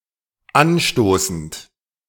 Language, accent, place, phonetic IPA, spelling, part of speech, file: German, Germany, Berlin, [ˈanˌʃtoːsn̩t], anstoßend, verb, De-anstoßend.ogg
- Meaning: present participle of anstoßen